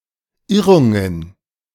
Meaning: plural of Irrung
- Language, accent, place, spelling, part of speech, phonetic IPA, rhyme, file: German, Germany, Berlin, Irrungen, noun, [ˈɪʁʊŋən], -ɪʁʊŋən, De-Irrungen.ogg